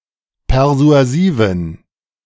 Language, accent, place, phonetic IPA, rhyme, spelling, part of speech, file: German, Germany, Berlin, [pɛʁzu̯aˈziːvn̩], -iːvn̩, persuasiven, adjective, De-persuasiven.ogg
- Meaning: inflection of persuasiv: 1. strong genitive masculine/neuter singular 2. weak/mixed genitive/dative all-gender singular 3. strong/weak/mixed accusative masculine singular 4. strong dative plural